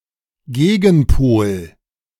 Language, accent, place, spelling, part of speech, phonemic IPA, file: German, Germany, Berlin, Gegenpol, noun, /ˈɡeːɡənˌpoːl/, De-Gegenpol.ogg
- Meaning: antipole